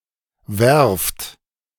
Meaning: shipyard (place where ships are built and repaired)
- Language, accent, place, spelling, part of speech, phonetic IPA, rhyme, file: German, Germany, Berlin, Werft, noun, [vɛʁft], -ɛʁft, De-Werft.ogg